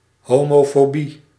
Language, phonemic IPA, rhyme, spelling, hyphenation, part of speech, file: Dutch, /ˌɦoː.moː.foːˈbi/, -i, homofobie, ho‧mo‧fo‧bie, noun, Nl-homofobie.ogg
- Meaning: homophobia